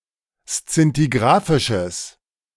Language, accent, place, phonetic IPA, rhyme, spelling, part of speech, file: German, Germany, Berlin, [st͡sɪntiˈɡʁaːfɪʃəs], -aːfɪʃəs, szintigrafisches, adjective, De-szintigrafisches.ogg
- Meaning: strong/mixed nominative/accusative neuter singular of szintigrafisch